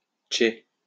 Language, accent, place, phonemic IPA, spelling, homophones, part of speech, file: French, France, Lyon, /ʃe/, ché, chais / chez, contraction, LL-Q150 (fra)-ché.wav
- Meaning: alternative form of chais